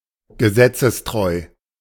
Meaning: law-abiding
- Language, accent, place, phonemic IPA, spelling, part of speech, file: German, Germany, Berlin, /ɡəˈzɛt͡səsˌtʁɔɪ̯/, gesetzestreu, adjective, De-gesetzestreu.ogg